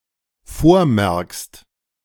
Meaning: second-person singular dependent present of vormerken
- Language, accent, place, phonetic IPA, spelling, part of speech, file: German, Germany, Berlin, [ˈfoːɐ̯ˌmɛʁkst], vormerkst, verb, De-vormerkst.ogg